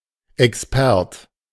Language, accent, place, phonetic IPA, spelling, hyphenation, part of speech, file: German, Germany, Berlin, [ɛksˈpɛʁt], expert, ex‧pert, adjective, De-expert.ogg
- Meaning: expert